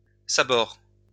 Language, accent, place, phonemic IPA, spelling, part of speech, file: French, France, Lyon, /sa.bɔʁ/, sabord, noun, LL-Q150 (fra)-sabord.wav
- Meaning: 1. gunport (hatch in the hull of a ship through which a cannon is fired) 2. scuttle, porthole